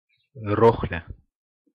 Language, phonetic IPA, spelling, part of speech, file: Russian, [ˈroxlʲə], рохля, noun, Ru-рохля.ogg
- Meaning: 1. dawdle, dawdler, a sluggish or low-energy person, weakling 2. hand pallet truck, pallet jack, which serves mainly to move cargo on pallets